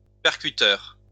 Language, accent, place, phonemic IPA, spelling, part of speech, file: French, France, Lyon, /pɛʁ.ky.tœʁ/, percuteur, noun, LL-Q150 (fra)-percuteur.wav
- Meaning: firing pin